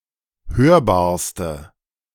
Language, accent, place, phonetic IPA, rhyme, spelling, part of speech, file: German, Germany, Berlin, [ˈhøːɐ̯baːɐ̯stə], -øːɐ̯baːɐ̯stə, hörbarste, adjective, De-hörbarste.ogg
- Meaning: inflection of hörbar: 1. strong/mixed nominative/accusative feminine singular superlative degree 2. strong nominative/accusative plural superlative degree